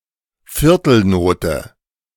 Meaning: (US) quarter note, (UK) crotchet
- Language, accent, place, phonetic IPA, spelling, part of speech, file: German, Germany, Berlin, [ˈfɪʁtl̩ˌnoːtə], Viertelnote, noun, De-Viertelnote.ogg